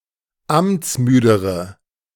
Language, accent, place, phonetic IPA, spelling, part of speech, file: German, Germany, Berlin, [ˈamt͡sˌmyːdəʁə], amtsmüdere, adjective, De-amtsmüdere.ogg
- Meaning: inflection of amtsmüde: 1. strong/mixed nominative/accusative feminine singular comparative degree 2. strong nominative/accusative plural comparative degree